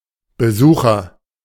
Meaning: 1. visitor 2. patron 3. the visitor design pattern
- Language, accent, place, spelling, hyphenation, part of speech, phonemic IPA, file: German, Germany, Berlin, Besucher, Be‧su‧cher, noun, /bəˈzuːxɐ/, De-Besucher.ogg